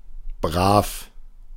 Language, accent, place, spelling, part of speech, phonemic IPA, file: German, Germany, Berlin, brav, adjective, /bʁaːf/, De-brav.ogg
- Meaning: 1. good, well-behaved or reliable, obedient 2. honest, upright, upstanding 3. conventional, conservative, dowdy 4. lively, quick, bold, nimble, daring, racy 5. bold, keen, courageous